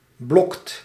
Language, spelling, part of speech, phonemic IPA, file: Dutch, blokt, verb, /blɔkt/, Nl-blokt.ogg
- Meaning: inflection of blokken: 1. second/third-person singular present indicative 2. plural imperative